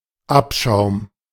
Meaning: dregs, scum (the worst and lowest)
- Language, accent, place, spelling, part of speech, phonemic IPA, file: German, Germany, Berlin, Abschaum, noun, /ˈapʃaʊ̯m/, De-Abschaum.ogg